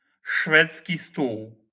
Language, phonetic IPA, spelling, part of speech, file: Polish, [ˈʃfɛt͡sʲci ˈstuw], szwedzki stół, noun, LL-Q809 (pol)-szwedzki stół.wav